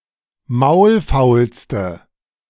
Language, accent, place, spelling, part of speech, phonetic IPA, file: German, Germany, Berlin, maulfaulste, adjective, [ˈmaʊ̯lˌfaʊ̯lstə], De-maulfaulste.ogg
- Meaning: inflection of maulfaul: 1. strong/mixed nominative/accusative feminine singular superlative degree 2. strong nominative/accusative plural superlative degree